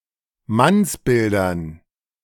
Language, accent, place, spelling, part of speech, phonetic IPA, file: German, Germany, Berlin, Mannsbildern, noun, [ˈmansˌbɪldɐn], De-Mannsbildern.ogg
- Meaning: dative plural of Mannsbild